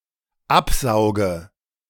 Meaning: inflection of absaugen: 1. first-person singular dependent present 2. first/third-person singular dependent subjunctive I
- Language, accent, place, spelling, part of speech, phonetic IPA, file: German, Germany, Berlin, absauge, verb, [ˈapˌzaʊ̯ɡə], De-absauge.ogg